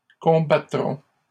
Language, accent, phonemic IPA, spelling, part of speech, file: French, Canada, /kɔ̃.ba.tʁɔ̃/, combattront, verb, LL-Q150 (fra)-combattront.wav
- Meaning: third-person plural future of combattre